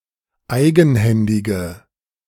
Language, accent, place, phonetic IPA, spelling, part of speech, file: German, Germany, Berlin, [ˈaɪ̯ɡn̩ˌhɛndɪɡə], eigenhändige, adjective, De-eigenhändige.ogg
- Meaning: inflection of eigenhändig: 1. strong/mixed nominative/accusative feminine singular 2. strong nominative/accusative plural 3. weak nominative all-gender singular